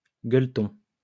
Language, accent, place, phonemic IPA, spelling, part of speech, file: French, France, Lyon, /ɡœl.tɔ̃/, gueuleton, noun, LL-Q150 (fra)-gueuleton.wav
- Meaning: blowout, feast